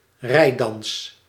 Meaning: circle dance
- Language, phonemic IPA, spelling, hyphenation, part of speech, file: Dutch, /ˈrɛi̯.dɑns/, reidans, rei‧dans, noun, Nl-reidans.ogg